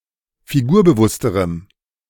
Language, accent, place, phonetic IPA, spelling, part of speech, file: German, Germany, Berlin, [fiˈɡuːɐ̯bəˌvʊstəʁəm], figurbewussterem, adjective, De-figurbewussterem.ogg
- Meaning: strong dative masculine/neuter singular comparative degree of figurbewusst